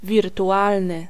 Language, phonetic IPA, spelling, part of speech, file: Polish, [ˌvʲirtuˈʷalnɨ], wirtualny, adjective, Pl-wirtualny.ogg